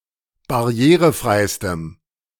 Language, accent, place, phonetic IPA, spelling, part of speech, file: German, Germany, Berlin, [baˈʁi̯eːʁəˌfʁaɪ̯stəm], barrierefreistem, adjective, De-barrierefreistem.ogg
- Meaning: strong dative masculine/neuter singular superlative degree of barrierefrei